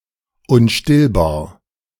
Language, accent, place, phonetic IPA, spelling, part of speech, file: German, Germany, Berlin, [ʊnˈʃtɪlbaːɐ̯], unstillbar, adjective, De-unstillbar.ogg
- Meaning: 1. insatiable 2. unquenchable 3. inexhaustible